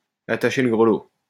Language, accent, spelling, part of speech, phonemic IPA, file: French, France, attacher le grelot, verb, /a.ta.ʃe lə ɡʁə.lo/, LL-Q150 (fra)-attacher le grelot.wav
- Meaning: to bell the cat, to take one for the team